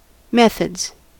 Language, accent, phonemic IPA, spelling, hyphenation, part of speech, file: English, US, /ˈmɛθədz/, methods, meth‧ods, noun / verb, En-us-methods.ogg
- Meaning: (noun) plural of method; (verb) third-person singular simple present indicative of method